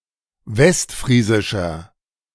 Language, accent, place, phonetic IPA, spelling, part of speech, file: German, Germany, Berlin, [ˈvɛstˌfʁiːzɪʃɐ], westfriesischer, adjective, De-westfriesischer.ogg
- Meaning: inflection of westfriesisch: 1. strong/mixed nominative masculine singular 2. strong genitive/dative feminine singular 3. strong genitive plural